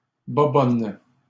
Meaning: plural of bobonne
- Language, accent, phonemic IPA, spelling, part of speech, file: French, Canada, /bɔ.bɔn/, bobonnes, noun, LL-Q150 (fra)-bobonnes.wav